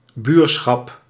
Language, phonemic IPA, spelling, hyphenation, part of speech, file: Dutch, /ˈbyːr.sxɑp/, buurschap, buur‧schap, noun, Nl-buurschap.ogg
- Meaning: 1. the condition of being neighbours 2. alternative form of buurtschap